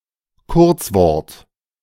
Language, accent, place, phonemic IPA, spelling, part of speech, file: German, Germany, Berlin, /ˈkʊʁt͡sˌvɔʁt/, Kurzwort, noun, De-Kurzwort.ogg
- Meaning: 1. abbreviation 2. clipping